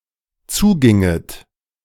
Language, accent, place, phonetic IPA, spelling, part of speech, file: German, Germany, Berlin, [ˈt͡suːˌɡɪŋət], zuginget, verb, De-zuginget.ogg
- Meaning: second-person plural dependent subjunctive II of zugehen